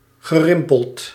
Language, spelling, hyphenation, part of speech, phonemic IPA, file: Dutch, gerimpeld, ge‧rim‧peld, adjective / verb, /ɣəˈrɪmpəlt/, Nl-gerimpeld.ogg
- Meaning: wrinkled, pursy, shrivelled